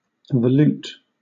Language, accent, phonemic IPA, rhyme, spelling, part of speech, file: English, Southern England, /vəˈluːt/, -uːt, volute, noun / adjective, LL-Q1860 (eng)-volute.wav
- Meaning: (noun) 1. The characteristic spiral curve on an Ionic capital, widely copied in other styles and in neoclassical architecture 2. The spirals or whorls on a gastropod's shell